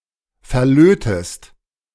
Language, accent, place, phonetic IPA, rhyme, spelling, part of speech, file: German, Germany, Berlin, [fɛɐ̯ˈløːtəst], -øːtəst, verlötest, verb, De-verlötest.ogg
- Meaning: inflection of verlöten: 1. second-person singular present 2. second-person singular subjunctive I